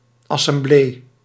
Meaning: assembly, council (legislative or executive body)
- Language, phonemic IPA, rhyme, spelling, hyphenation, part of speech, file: Dutch, /ˌɑ.sɛmˈbleː/, -eː, assemblee, as‧sem‧blee, noun, Nl-assemblee.ogg